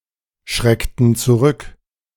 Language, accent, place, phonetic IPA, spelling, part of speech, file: German, Germany, Berlin, [ˌʃʁɛktn̩ t͡suˈʁʏk], schreckten zurück, verb, De-schreckten zurück.ogg
- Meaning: inflection of zurückschrecken: 1. first/third-person plural preterite 2. first/third-person plural subjunctive II